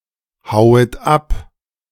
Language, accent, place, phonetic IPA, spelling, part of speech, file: German, Germany, Berlin, [ˌhaʊ̯ət ˈap], hauet ab, verb, De-hauet ab.ogg
- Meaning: second-person plural subjunctive I of abhauen